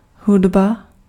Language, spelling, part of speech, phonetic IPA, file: Czech, hudba, noun, [ˈɦudba], Cs-hudba.ogg
- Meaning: music